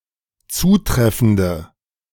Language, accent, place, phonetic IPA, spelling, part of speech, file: German, Germany, Berlin, [ˈt͡suːˌtʁɛfn̩də], zutreffende, adjective, De-zutreffende.ogg
- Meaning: inflection of zutreffend: 1. strong/mixed nominative/accusative feminine singular 2. strong nominative/accusative plural 3. weak nominative all-gender singular